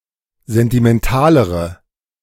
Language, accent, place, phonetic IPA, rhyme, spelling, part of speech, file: German, Germany, Berlin, [ˌzɛntimɛnˈtaːləʁə], -aːləʁə, sentimentalere, adjective, De-sentimentalere.ogg
- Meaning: inflection of sentimental: 1. strong/mixed nominative/accusative feminine singular comparative degree 2. strong nominative/accusative plural comparative degree